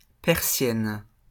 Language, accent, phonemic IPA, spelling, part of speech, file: French, France, /pɛʁ.sjɛn/, persienne, noun, LL-Q150 (fra)-persienne.wav
- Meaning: window shutter